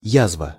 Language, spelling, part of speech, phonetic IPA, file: Russian, язва, noun, [ˈjazvə], Ru-язва.ogg
- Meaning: 1. ulcer, sore 2. sore, evil 3. pest, viper (malicious person)